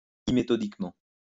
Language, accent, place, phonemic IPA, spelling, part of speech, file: French, France, Lyon, /i.me.tɔ.dik.mɑ̃/, imméthodiquement, adverb, LL-Q150 (fra)-imméthodiquement.wav
- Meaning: unmethodically